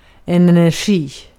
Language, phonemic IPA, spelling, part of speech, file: Swedish, /ˌɛnːərˈɧiː/, energi, noun, Sv-energi.ogg
- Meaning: 1. energy (impetus behind activity) 2. capacity to do work